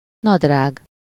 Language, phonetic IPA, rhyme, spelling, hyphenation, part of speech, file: Hungarian, [ˈnɒdraːɡ], -aːɡ, nadrág, nad‧rág, noun, Hu-nadrág.ogg
- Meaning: trousers, pants